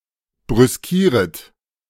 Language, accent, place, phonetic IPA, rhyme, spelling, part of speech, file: German, Germany, Berlin, [bʁʏsˈkiːʁət], -iːʁət, brüskieret, verb, De-brüskieret.ogg
- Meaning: second-person plural subjunctive I of brüskieren